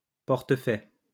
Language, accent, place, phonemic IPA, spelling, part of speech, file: French, France, Lyon, /pɔʁ.tə.fɛ/, portefaix, noun, LL-Q150 (fra)-portefaix.wav
- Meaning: porter